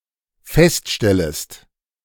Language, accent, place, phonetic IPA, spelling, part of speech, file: German, Germany, Berlin, [ˈfɛstˌʃtɛləst], feststellest, verb, De-feststellest.ogg
- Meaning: second-person singular dependent subjunctive I of feststellen